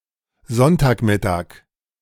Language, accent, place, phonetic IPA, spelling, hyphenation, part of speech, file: German, Germany, Berlin, [ˈzɔntaːkˌmɪtaːk], Sonntagmittag, Sonn‧tag‧mit‧tag, noun, De-Sonntagmittag.ogg
- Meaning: Sunday noon